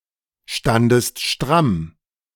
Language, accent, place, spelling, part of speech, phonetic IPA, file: German, Germany, Berlin, standest stramm, verb, [ˌʃtandəst ˈʃtʁam], De-standest stramm.ogg
- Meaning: second-person singular preterite of strammstehen